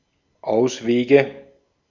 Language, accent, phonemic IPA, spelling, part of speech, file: German, Austria, /ˈʔaʊ̯sˌveːɡə/, Auswege, noun, De-at-Auswege.ogg
- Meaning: nominative/accusative/genitive plural of Ausweg